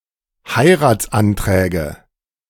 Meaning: nominative/accusative/genitive plural of Heiratsantrag
- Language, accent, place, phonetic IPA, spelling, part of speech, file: German, Germany, Berlin, [ˈhaɪ̯ʁaːt͡sʔanˌtʁɛːɡə], Heiratsanträge, noun, De-Heiratsanträge.ogg